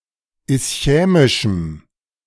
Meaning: strong dative masculine/neuter singular of ischämisch
- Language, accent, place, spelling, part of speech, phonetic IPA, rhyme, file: German, Germany, Berlin, ischämischem, adjective, [ɪsˈçɛːmɪʃm̩], -ɛːmɪʃm̩, De-ischämischem.ogg